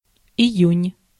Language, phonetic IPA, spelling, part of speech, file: Russian, [ɪˈjʉnʲ], июнь, noun, Ru-июнь.ogg
- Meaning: June